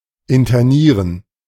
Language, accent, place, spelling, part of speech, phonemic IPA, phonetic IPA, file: German, Germany, Berlin, internieren, verb, /ɪntəˈniːʁən/, [ʔɪntʰəˈniːɐ̯n], De-internieren.ogg
- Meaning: to intern